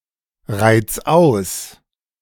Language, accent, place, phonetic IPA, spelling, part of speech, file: German, Germany, Berlin, [ˌʁaɪ̯t͡s ˈaʊ̯s], reiz aus, verb, De-reiz aus.ogg
- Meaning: 1. singular imperative of ausreizen 2. first-person singular present of ausreizen